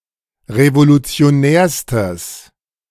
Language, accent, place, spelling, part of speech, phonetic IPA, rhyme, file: German, Germany, Berlin, revolutionärstes, adjective, [ʁevolut͡si̯oˈnɛːɐ̯stəs], -ɛːɐ̯stəs, De-revolutionärstes.ogg
- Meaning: strong/mixed nominative/accusative neuter singular superlative degree of revolutionär